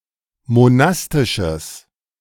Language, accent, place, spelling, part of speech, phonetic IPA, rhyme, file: German, Germany, Berlin, monastisches, adjective, [moˈnastɪʃəs], -astɪʃəs, De-monastisches.ogg
- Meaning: strong/mixed nominative/accusative neuter singular of monastisch